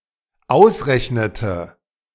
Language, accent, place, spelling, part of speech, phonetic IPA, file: German, Germany, Berlin, ausrechnete, verb, [ˈaʊ̯sˌʁɛçnətə], De-ausrechnete.ogg
- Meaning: inflection of ausrechnen: 1. first/third-person singular dependent preterite 2. first/third-person singular dependent subjunctive II